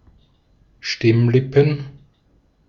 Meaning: plural of Stimmlippe
- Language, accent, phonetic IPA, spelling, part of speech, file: German, Austria, [ˈʃtɪmˌlɪpn̩], Stimmlippen, noun, De-at-Stimmlippen.ogg